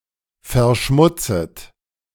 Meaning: second-person plural subjunctive I of verschmutzen
- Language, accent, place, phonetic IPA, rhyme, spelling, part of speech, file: German, Germany, Berlin, [fɛɐ̯ˈʃmʊt͡sət], -ʊt͡sət, verschmutzet, verb, De-verschmutzet.ogg